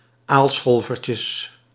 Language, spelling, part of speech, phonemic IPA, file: Dutch, aalscholvertjes, noun, /ˈalsxolvərcəs/, Nl-aalscholvertjes.ogg
- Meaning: plural of aalscholvertje